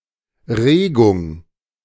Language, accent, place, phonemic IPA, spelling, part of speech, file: German, Germany, Berlin, /ˈʁeːɡʊŋ/, Regung, noun, De-Regung.ogg
- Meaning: 1. movement, motion 2. emotion, impulse